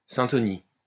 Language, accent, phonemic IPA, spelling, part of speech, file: French, France, /sɛ̃.tɔ.ni/, syntonie, noun, LL-Q150 (fra)-syntonie.wav
- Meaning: syntony